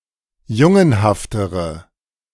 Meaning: inflection of jungenhaft: 1. strong/mixed nominative/accusative feminine singular comparative degree 2. strong nominative/accusative plural comparative degree
- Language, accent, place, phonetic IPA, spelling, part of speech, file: German, Germany, Berlin, [ˈjʊŋənhaftəʁə], jungenhaftere, adjective, De-jungenhaftere.ogg